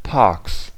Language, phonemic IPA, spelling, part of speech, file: German, /paʁks/, Parks, noun, De-Parks.ogg
- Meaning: 1. plural of Park 2. genitive singular of Park